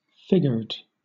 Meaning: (verb) simple past and past participle of figure; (adjective) 1. Having a pattern considered attractive appearing on a section 2. Adorned with a figure or figures
- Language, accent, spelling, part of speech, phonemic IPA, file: English, Southern England, figured, verb / adjective, /ˈfɪɡəd/, LL-Q1860 (eng)-figured.wav